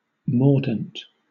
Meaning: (adjective) 1. Having or showing a sharp or critical quality 2. Serving to fix a dye to a fiber
- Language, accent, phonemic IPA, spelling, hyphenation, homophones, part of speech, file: English, Southern England, /ˈmɔːdn̩t/, mordant, mord‧ant, mordent, adjective / noun / verb, LL-Q1860 (eng)-mordant.wav